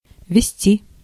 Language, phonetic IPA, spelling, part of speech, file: Russian, [vʲɪˈsʲtʲi], везти, verb, Ru-везти.ogg
- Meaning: 1. to convey, to carry (by vehicle), to deliver, to transport 2. to be lucky, to have luck, to work out for, to succeed, to be successful